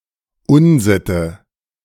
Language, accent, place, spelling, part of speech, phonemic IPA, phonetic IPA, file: German, Germany, Berlin, Unsitte, noun, /ˈʊnˌzɪtə/, [ˈʔʊnˌzɪtə], De-Unsitte.ogg
- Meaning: wrong custom, bad habit